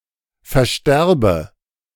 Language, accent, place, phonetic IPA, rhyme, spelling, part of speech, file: German, Germany, Berlin, [fɛɐ̯ˈʃtɛʁbə], -ɛʁbə, versterbe, verb, De-versterbe.ogg
- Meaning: inflection of versterben: 1. first-person singular present 2. first/third-person singular subjunctive I